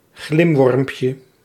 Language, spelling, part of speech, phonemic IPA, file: Dutch, glimwormpje, noun, /ˈɣlɪmwɔrᵊmpjə/, Nl-glimwormpje.ogg
- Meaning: diminutive of glimworm